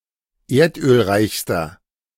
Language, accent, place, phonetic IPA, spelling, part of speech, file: German, Germany, Berlin, [ˈeːɐ̯tʔøːlˌʁaɪ̯çstɐ], erdölreichster, adjective, De-erdölreichster.ogg
- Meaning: inflection of erdölreich: 1. strong/mixed nominative masculine singular superlative degree 2. strong genitive/dative feminine singular superlative degree 3. strong genitive plural superlative degree